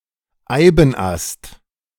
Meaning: yew bough
- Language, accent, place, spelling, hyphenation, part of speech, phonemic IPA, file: German, Germany, Berlin, Eibenast, Ei‧ben‧ast, noun, /ˈaɪ̯bn̩ˌʔast/, De-Eibenast.ogg